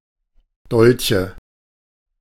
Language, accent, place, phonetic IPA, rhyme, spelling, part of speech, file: German, Germany, Berlin, [ˈdɔlçə], -ɔlçə, Dolche, noun, De-Dolche.ogg
- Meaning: nominative/accusative/genitive plural of Dolch